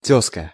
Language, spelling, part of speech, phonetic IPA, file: Russian, тёзка, noun, [ˈtʲɵskə], Ru-тёзка.ogg
- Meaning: namesake (person, place or thing having the same name as another)